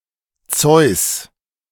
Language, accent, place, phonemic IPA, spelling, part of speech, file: German, Germany, Berlin, /t͡sɔɪ̯s/, Zeus, proper noun, De-Zeus.ogg
- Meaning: Zeus